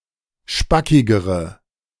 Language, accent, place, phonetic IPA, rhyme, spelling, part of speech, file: German, Germany, Berlin, [ˈʃpakɪɡəʁə], -akɪɡəʁə, spackigere, adjective, De-spackigere.ogg
- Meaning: inflection of spackig: 1. strong/mixed nominative/accusative feminine singular comparative degree 2. strong nominative/accusative plural comparative degree